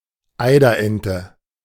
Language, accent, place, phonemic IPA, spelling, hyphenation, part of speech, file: German, Germany, Berlin, /ˈaɪ̯dɐˌʔɛntə/, Eiderente, Ei‧der‧en‧te, noun, De-Eiderente.ogg
- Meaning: eider (duck of genus Somateria), Somateria mollissima